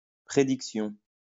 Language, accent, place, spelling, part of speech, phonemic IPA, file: French, France, Lyon, prédiction, noun, /pʁe.dik.sjɔ̃/, LL-Q150 (fra)-prédiction.wav
- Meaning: prediction (act of predicting; statement about the future)